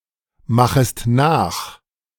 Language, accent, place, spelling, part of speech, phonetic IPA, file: German, Germany, Berlin, machest nach, verb, [ˌmaxəst ˈnaːx], De-machest nach.ogg
- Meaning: second-person singular subjunctive I of nachmachen